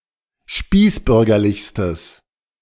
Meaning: strong/mixed nominative/accusative neuter singular superlative degree of spießbürgerlich
- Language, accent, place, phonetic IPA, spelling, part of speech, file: German, Germany, Berlin, [ˈʃpiːsˌbʏʁɡɐlɪçstəs], spießbürgerlichstes, adjective, De-spießbürgerlichstes.ogg